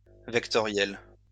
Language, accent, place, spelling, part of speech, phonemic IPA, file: French, France, Lyon, vectoriel, adjective, /vɛk.tɔ.ʁjɛl/, LL-Q150 (fra)-vectoriel.wav
- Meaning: vector; vectorial